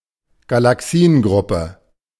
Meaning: galaxy group
- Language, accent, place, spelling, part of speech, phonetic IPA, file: German, Germany, Berlin, Galaxiengruppe, noun, [ɡalaˈksiːənˌɡʁʊpə], De-Galaxiengruppe.ogg